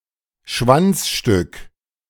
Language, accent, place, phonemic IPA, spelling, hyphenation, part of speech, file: German, Germany, Berlin, /ˈʃvant͡s.ʃtʏk/, Schwanzstück, Schwanz‧stück, noun, De-Schwanzstück.ogg
- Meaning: top sirloin (cut of beef near the tail)